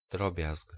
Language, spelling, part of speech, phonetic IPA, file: Polish, drobiazg, noun / interjection, [ˈdrɔbʲjask], Pl-drobiazg.ogg